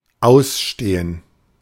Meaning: 1. to stand, to endure 2. to be pending 3. to be overdue 4. to be displayed for sale
- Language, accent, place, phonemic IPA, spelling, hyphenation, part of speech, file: German, Germany, Berlin, /ˈaʊsˌʃteːən/, ausstehen, aus‧ste‧hen, verb, De-ausstehen.ogg